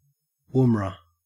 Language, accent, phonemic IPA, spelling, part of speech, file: English, Australia, /wʊmra/, woomera, noun, En-au-woomera.ogg
- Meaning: A traditional spearthrower, consisting of a stick with a hooked end, used by First Nations Australians